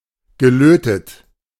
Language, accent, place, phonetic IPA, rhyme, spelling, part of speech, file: German, Germany, Berlin, [ɡəˈløːtət], -øːtət, gelötet, verb, De-gelötet.ogg
- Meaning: past participle of löten